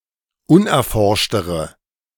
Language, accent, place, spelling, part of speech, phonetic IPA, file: German, Germany, Berlin, unerforschtere, adjective, [ˈʊnʔɛɐ̯ˌfɔʁʃtəʁə], De-unerforschtere.ogg
- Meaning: inflection of unerforscht: 1. strong/mixed nominative/accusative feminine singular comparative degree 2. strong nominative/accusative plural comparative degree